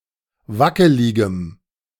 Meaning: strong dative masculine/neuter singular of wackelig
- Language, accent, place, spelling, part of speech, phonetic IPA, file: German, Germany, Berlin, wackeligem, adjective, [ˈvakəlɪɡəm], De-wackeligem.ogg